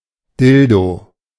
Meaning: dildo
- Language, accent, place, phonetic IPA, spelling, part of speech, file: German, Germany, Berlin, [ˈdɪldo], Dildo, noun, De-Dildo.ogg